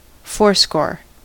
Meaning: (numeral) 1. Eighty 2. A full-length life, reckoned as eighty years; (noun) A quantity or amount of eighty
- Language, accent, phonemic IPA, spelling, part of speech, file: English, US, /ˈfɔɹskoɹ/, fourscore, numeral / noun, En-us-fourscore.ogg